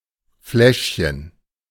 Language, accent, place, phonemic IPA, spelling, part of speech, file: German, Germany, Berlin, /ˈflɛʃçən/, Fläschchen, noun, De-Fläschchen.ogg
- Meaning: diminutive of Flasche